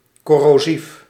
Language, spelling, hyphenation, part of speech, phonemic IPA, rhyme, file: Dutch, corrosief, cor‧ro‧sief, adjective, /ˌkɔ.roːˈzif/, -if, Nl-corrosief.ogg
- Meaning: corrosive